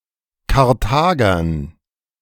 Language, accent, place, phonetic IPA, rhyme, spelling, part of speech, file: German, Germany, Berlin, [kaʁˈtaːɡɐn], -aːɡɐn, Karthagern, noun, De-Karthagern.ogg
- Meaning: dative plural of Karthager